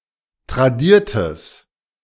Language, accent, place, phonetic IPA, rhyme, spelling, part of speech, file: German, Germany, Berlin, [tʁaˈdiːɐ̯təs], -iːɐ̯təs, tradiertes, adjective, De-tradiertes.ogg
- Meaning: strong/mixed nominative/accusative neuter singular of tradiert